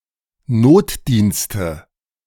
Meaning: nominative/accusative/genitive plural of Notdienst
- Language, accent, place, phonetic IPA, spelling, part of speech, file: German, Germany, Berlin, [ˈnoːtˌdiːnstə], Notdienste, noun, De-Notdienste.ogg